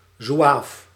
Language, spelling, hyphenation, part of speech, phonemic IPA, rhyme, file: Dutch, zoeaaf, zoe‧aaf, noun, /zuˈaːf/, -aːf, Nl-zoeaaf.ogg
- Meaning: Zouave: 1. papal zouave, a foreign fighter for the Papal States 2. Zouave, regular member of a light infantry regiment, typically of the French Army